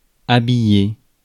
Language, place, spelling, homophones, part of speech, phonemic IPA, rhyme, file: French, Paris, habiller, habillai / habillé / habillée / habillées / habillés / habillez, verb, /a.bi.je/, -e, Fr-habiller.ogg
- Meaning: 1. to dress 2. to get dressed 3. to dress in a certain fashion